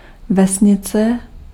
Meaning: village
- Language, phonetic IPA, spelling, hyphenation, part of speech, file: Czech, [ˈvɛsɲɪt͡sɛ], vesnice, ve‧s‧ni‧ce, noun, Cs-vesnice.ogg